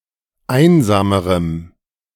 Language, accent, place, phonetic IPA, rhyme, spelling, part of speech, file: German, Germany, Berlin, [ˈaɪ̯nzaːməʁəm], -aɪ̯nzaːməʁəm, einsamerem, adjective, De-einsamerem.ogg
- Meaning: strong dative masculine/neuter singular comparative degree of einsam